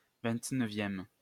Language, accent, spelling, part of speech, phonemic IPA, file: French, France, vingt-neuvième, adjective / noun, /vɛ̃t.nœ.vjɛm/, LL-Q150 (fra)-vingt-neuvième.wav
- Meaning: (adjective) twenty-ninth